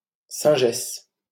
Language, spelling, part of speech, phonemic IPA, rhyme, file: French, singesse, noun, /sɛ̃.ʒɛs/, -ɛs, LL-Q150 (fra)-singesse.wav
- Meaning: 1. she-monkey 2. prostitute